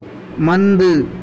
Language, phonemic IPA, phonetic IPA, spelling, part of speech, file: Tamil, /mɐnd̪ɯ/, [mɐn̪d̪ɯ], மந்து, noun, Ta-மந்து.ogg
- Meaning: 1. king 2. man 3. fault